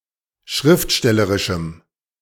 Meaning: strong dative masculine/neuter singular of schriftstellerisch
- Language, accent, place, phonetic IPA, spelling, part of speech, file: German, Germany, Berlin, [ˈʃʁɪftˌʃtɛləʁɪʃm̩], schriftstellerischem, adjective, De-schriftstellerischem.ogg